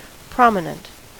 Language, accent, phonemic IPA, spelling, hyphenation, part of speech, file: English, US, /ˈpɹɑmɪnənt/, prominent, prom‧i‧nent, adjective / noun, En-us-prominent.ogg
- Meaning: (adjective) 1. Standing out, or projecting; jutting; protuberant 2. Likely to attract attention from its size or position; conspicuous 3. Eminent; distinguished above others